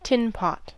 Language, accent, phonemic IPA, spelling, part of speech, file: English, General American, /ˈtɪnˌpɑt/, tin-pot, adjective / noun, En-us-tin-pot.ogg
- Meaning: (adjective) 1. Of inferior quality; shoddy 2. Insignificant or minor, especially in an amusing and petty manner; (noun) A tin-pot dictator